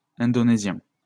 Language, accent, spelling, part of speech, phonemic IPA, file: French, France, indonésiens, adjective, /ɛ̃.dɔ.ne.zjɛ̃/, LL-Q150 (fra)-indonésiens.wav
- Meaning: masculine plural of indonésien